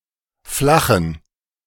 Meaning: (verb) to flatten; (adjective) inflection of flach: 1. strong genitive masculine/neuter singular 2. weak/mixed genitive/dative all-gender singular 3. strong/weak/mixed accusative masculine singular
- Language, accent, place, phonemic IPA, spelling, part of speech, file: German, Germany, Berlin, /flaχn̩/, flachen, verb / adjective, De-flachen.ogg